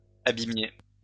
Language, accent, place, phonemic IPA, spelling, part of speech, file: French, France, Lyon, /a.bi.mje/, abîmiez, verb, LL-Q150 (fra)-abîmiez.wav
- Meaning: inflection of abîmer: 1. second-person plural imperfect indicative 2. second-person plural present subjunctive